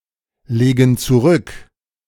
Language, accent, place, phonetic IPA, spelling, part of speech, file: German, Germany, Berlin, [ˌleːɡn̩ t͡suˈʁʏk], legen zurück, verb, De-legen zurück.ogg
- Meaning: inflection of zurücklegen: 1. first/third-person plural present 2. first/third-person plural subjunctive I